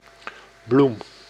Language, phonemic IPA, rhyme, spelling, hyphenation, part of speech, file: Dutch, /blum/, -um, bloem, bloem, noun, Nl-bloem.ogg
- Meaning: 1. flower, bloom of flowering plant 2. flour of wheat or corn